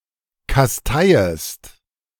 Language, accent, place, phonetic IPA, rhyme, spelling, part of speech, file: German, Germany, Berlin, [kasˈtaɪ̯əst], -aɪ̯əst, kasteiest, verb, De-kasteiest.ogg
- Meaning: second-person singular subjunctive I of kasteien